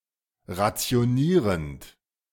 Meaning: present participle of rationieren
- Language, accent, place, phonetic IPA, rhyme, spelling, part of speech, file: German, Germany, Berlin, [ʁat͡si̯oˈniːʁənt], -iːʁənt, rationierend, verb, De-rationierend.ogg